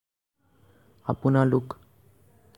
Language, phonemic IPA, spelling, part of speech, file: Assamese, /ɑ.pʊ.nɑ.lʊk/, আপোনালোক, pronoun, As-আপোনালোক.ogg
- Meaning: you (in the plural)